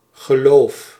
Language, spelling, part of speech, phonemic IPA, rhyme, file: Dutch, geloof, noun / verb, /ɣəˈloːf/, -oːf, Nl-geloof.ogg
- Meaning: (noun) 1. belief, conviction 2. faith, religion; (verb) inflection of geloven: 1. first-person singular present indicative 2. second-person singular present indicative 3. imperative